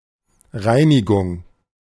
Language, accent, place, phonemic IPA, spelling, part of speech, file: German, Germany, Berlin, /ˈʁaɪ̯niɡʊŋ/, Reinigung, noun, De-Reinigung.ogg
- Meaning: 1. cleaning, cleansing, purification 2. dry cleaner